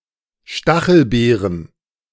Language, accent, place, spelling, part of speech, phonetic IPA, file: German, Germany, Berlin, Stachelbeeren, noun, [ˈʃtaxl̩ˌbeːʁən], De-Stachelbeeren.ogg
- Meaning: plural of Stachelbeere "gooseberries"